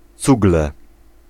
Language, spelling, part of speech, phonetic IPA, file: Polish, cugle, noun, [ˈt͡suɡlɛ], Pl-cugle.ogg